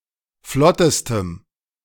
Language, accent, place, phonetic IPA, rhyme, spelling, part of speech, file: German, Germany, Berlin, [ˈflɔtəstəm], -ɔtəstəm, flottestem, adjective, De-flottestem.ogg
- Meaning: strong dative masculine/neuter singular superlative degree of flott